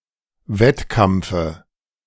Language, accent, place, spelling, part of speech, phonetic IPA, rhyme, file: German, Germany, Berlin, Wettkampfe, noun, [ˈvɛtˌkamp͡fə], -ɛtkamp͡fə, De-Wettkampfe.ogg
- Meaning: dative of Wettkampf